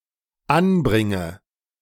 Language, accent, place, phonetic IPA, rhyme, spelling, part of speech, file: German, Germany, Berlin, [ˈanˌbʁɪŋə], -anbʁɪŋə, anbringe, verb, De-anbringe.ogg
- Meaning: inflection of anbringen: 1. first-person singular dependent present 2. first/third-person singular dependent subjunctive I